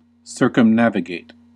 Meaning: 1. To travel completely around somewhere or something (especially the Globe), especially by sail 2. To circumvent or bypass 3. To sail around the world
- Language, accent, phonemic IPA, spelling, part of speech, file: English, US, /ˌsɝ.kəmˈnæv.ɪ.ɡeɪt/, circumnavigate, verb, En-us-circumnavigate.ogg